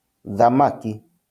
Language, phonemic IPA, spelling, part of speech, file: Kikuyu, /ðàmákì(ꜜ)/, thamaki, noun, LL-Q33587 (kik)-thamaki.wav
- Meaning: fish